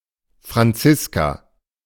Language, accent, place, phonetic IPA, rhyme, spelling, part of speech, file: German, Germany, Berlin, [fʁanˈt͡sɪska], -ɪska, Franziska, noun / proper noun, De-Franziska.ogg
- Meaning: a female given name, equivalent to English Frances